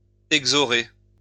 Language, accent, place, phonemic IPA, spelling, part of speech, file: French, France, Lyon, /ɛɡ.zɔ.ʁe/, exhaurer, verb, LL-Q150 (fra)-exhaurer.wav
- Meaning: to drain water from a mine